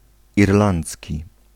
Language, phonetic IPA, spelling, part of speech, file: Polish, [irˈlãnt͡sʲci], irlandzki, adjective / noun, Pl-irlandzki.ogg